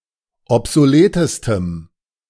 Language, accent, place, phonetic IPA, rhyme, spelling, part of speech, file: German, Germany, Berlin, [ɔpzoˈleːtəstəm], -eːtəstəm, obsoletestem, adjective, De-obsoletestem.ogg
- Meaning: strong dative masculine/neuter singular superlative degree of obsolet